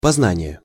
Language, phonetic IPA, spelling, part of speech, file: Russian, [pɐzˈnanʲɪje], познание, noun, Ru-познание.ogg
- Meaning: 1. cognition, perception 2. experience, knowledge